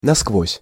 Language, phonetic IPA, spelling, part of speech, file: Russian, [nɐskˈvosʲ], насквозь, adverb, Ru-насквозь.ogg
- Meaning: all the way through, throughout, completely